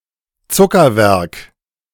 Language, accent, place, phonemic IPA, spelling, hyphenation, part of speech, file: German, Germany, Berlin, /ˈt͡sʊkɐˌvɛʁk/, Zuckerwerk, Zu‧cker‧werk, noun, De-Zuckerwerk.ogg
- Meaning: sweets